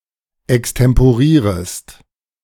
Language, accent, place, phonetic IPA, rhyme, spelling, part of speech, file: German, Germany, Berlin, [ɛkstɛmpoˈʁiːʁəst], -iːʁəst, extemporierest, verb, De-extemporierest.ogg
- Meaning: second-person singular subjunctive I of extemporieren